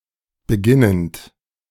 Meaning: present participle of beginnen
- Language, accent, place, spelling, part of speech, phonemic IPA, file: German, Germany, Berlin, beginnend, verb, /bəˈɡɪnənt/, De-beginnend.ogg